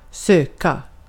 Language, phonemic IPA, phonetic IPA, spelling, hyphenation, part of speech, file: Swedish, /²søːka/, [ˈs̪øː˧˩ˌkä˥˩], söka, sö‧ka, verb, Sv-söka.ogg
- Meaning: to search (look throughout (a place) for something), to seek